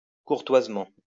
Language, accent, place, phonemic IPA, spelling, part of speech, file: French, France, Lyon, /kuʁ.twaz.mɑ̃/, courtoisement, adverb, LL-Q150 (fra)-courtoisement.wav
- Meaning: courteously